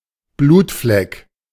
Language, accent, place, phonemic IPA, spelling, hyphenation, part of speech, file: German, Germany, Berlin, /ˈbluːtflɛk/, Blutfleck, Blut‧fleck, noun, De-Blutfleck.ogg
- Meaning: bloodstain